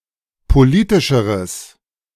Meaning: strong/mixed nominative/accusative neuter singular comparative degree of politisch
- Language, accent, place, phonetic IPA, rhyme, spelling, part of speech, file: German, Germany, Berlin, [poˈliːtɪʃəʁəs], -iːtɪʃəʁəs, politischeres, adjective, De-politischeres.ogg